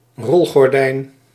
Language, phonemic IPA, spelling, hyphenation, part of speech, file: Dutch, /ˈrɔl.ɣɔrˌdɛi̯n/, rolgordijn, rol‧gor‧dijn, noun, Nl-rolgordijn.ogg
- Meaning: roller blind